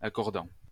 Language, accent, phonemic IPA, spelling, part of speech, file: French, France, /a.kɔʁ.dɑ̃/, accordant, verb, LL-Q150 (fra)-accordant.wav
- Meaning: present participle of accorder